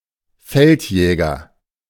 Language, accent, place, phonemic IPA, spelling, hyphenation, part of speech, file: German, Germany, Berlin, /ˈfɛltˌjɛːɡɐ/, Feldjäger, Feld‧jä‧ger, noun, De-Feldjäger.ogg
- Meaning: 1. military police 2. member of the military police